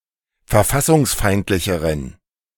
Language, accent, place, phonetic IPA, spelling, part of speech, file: German, Germany, Berlin, [fɛɐ̯ˈfasʊŋsˌfaɪ̯ntlɪçəʁən], verfassungsfeindlicheren, adjective, De-verfassungsfeindlicheren.ogg
- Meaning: inflection of verfassungsfeindlich: 1. strong genitive masculine/neuter singular comparative degree 2. weak/mixed genitive/dative all-gender singular comparative degree